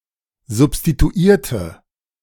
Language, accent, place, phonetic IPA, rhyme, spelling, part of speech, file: German, Germany, Berlin, [zʊpstituˈiːɐ̯tə], -iːɐ̯tə, substituierte, adjective / verb, De-substituierte.ogg
- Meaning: inflection of substituiert: 1. strong/mixed nominative/accusative feminine singular 2. strong nominative/accusative plural 3. weak nominative all-gender singular